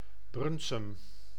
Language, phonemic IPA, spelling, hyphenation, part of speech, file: Dutch, /ˈbrʏn.sʏm/, Brunssum, Bruns‧sum, proper noun, Nl-Brunssum.ogg
- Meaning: a city and municipality of Limburg, Netherlands